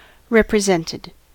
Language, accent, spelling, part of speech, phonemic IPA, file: English, US, represented, adjective / verb, /ɹɛpɹɪˈzɛntɪd/, En-us-represented.ogg
- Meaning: simple past and past participle of represent